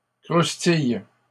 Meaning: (verb) inflection of croustiller: 1. first/third-person singular present indicative/subjunctive 2. second-person singular imperative; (noun) potato chip, crisp
- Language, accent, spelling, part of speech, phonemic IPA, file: French, Canada, croustille, verb / noun, /kʁus.tij/, LL-Q150 (fra)-croustille.wav